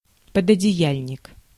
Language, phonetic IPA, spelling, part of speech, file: Russian, [pədədʲɪˈjælʲnʲɪk], пододеяльник, noun, Ru-пододеяльник.ogg